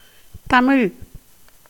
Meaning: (adjective) 1. of or pertaining to the Tamil language or its ethno-linguistic group 2. sweet, pleasant, melodious 3. refined, pure; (proper noun) the Tamil language
- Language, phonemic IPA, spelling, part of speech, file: Tamil, /t̪ɐmɪɻ/, தமிழ், adjective / proper noun, Ta-தமிழ்.ogg